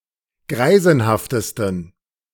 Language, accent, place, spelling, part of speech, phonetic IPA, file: German, Germany, Berlin, greisenhaftesten, adjective, [ˈɡʁaɪ̯zn̩haftəstn̩], De-greisenhaftesten.ogg
- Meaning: 1. superlative degree of greisenhaft 2. inflection of greisenhaft: strong genitive masculine/neuter singular superlative degree